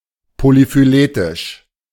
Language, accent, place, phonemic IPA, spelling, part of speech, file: German, Germany, Berlin, /polifyˈleːtɪʃ/, polyphyletisch, adjective, De-polyphyletisch.ogg
- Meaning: polyphyletic